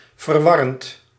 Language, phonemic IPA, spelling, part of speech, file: Dutch, /vərˈwɑrənt/, verwarrend, verb / adjective, Nl-verwarrend.ogg
- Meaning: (adjective) confusing; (verb) present participle of verwarren